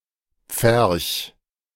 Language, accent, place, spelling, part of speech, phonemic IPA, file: German, Germany, Berlin, Pferch, noun, /pfɛrç/, De-Pferch.ogg
- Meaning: a small, fenced-in plot of land, usually for livestock; a pen; a fold